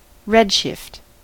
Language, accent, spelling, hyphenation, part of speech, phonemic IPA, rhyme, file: English, US, redshift, red‧shift, noun / verb, /ˈɹɛdˌʃɪft/, -ɛdʃɪft, En-us-redshift.ogg
- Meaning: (noun) An increase in the wavelength of a photon or of light while in transit, corresponding to a lower frequency and a shift toward the red end of the electromagnetic spectrum